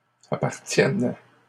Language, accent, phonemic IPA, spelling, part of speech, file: French, Canada, /a.paʁ.tjɛn/, appartienne, verb, LL-Q150 (fra)-appartienne.wav
- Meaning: first/third-person singular present subjunctive of appartenir